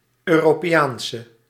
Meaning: European woman
- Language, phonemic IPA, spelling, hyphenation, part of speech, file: Dutch, /ˌøː.roː.peːˈaːn.sə/, Europeaanse, Eu‧ro‧pe‧aan‧se, noun, Nl-Europeaanse.ogg